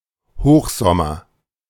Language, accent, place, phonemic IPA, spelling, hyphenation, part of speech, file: German, Germany, Berlin, /ˈhoːxzɔmɐ/, Hochsommer, Hoch‧som‧mer, noun, De-Hochsommer.ogg
- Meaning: midsummer, height of the summer (the hottest period of the year, in central Europe typically July and August)